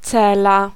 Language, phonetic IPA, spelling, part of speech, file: Polish, [ˈt͡sɛla], cela, noun, Pl-cela.ogg